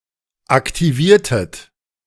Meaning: inflection of aktivieren: 1. second-person plural preterite 2. second-person plural subjunctive II
- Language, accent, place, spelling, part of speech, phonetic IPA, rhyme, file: German, Germany, Berlin, aktiviertet, verb, [aktiˈviːɐ̯tət], -iːɐ̯tət, De-aktiviertet.ogg